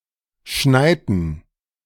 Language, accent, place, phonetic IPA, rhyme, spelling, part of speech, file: German, Germany, Berlin, [ˈʃnaɪ̯tn̩], -aɪ̯tn̩, schneiten, verb, De-schneiten.ogg
- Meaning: inflection of schneien: 1. first/third-person plural preterite 2. first/third-person plural subjunctive II